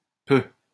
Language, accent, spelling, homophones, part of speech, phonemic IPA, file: French, France, peuh, peu / peut / peux, interjection, /pø/, LL-Q150 (fra)-peuh.wav
- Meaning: pshaw, pff